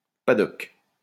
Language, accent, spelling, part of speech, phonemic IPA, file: French, France, paddock, noun, /pa.dɔk/, LL-Q150 (fra)-paddock.wav
- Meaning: 1. paddock 2. pad (bed)